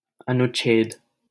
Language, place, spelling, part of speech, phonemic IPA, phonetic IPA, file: Hindi, Delhi, अनुच्छेद, noun, /ə.nʊt̪.t͡ʃʰeːd̪/, [ɐ.nʊt̚.t͡ʃʰeːd̪], LL-Q1568 (hin)-अनुच्छेद.wav
- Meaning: 1. article 2. paragraph 3. section 4. clause